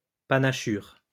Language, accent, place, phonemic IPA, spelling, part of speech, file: French, France, Lyon, /pa.na.ʃyʁ/, panachure, noun, LL-Q150 (fra)-panachure.wav
- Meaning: 1. variegation, mottle; marking, colouring 2. white spot, white patch (on leaf, animal's skin etc.)